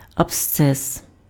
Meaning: abscess
- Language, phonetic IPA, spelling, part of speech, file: Ukrainian, [ɐbˈst͡sɛs], абсцес, noun, Uk-абсцес.ogg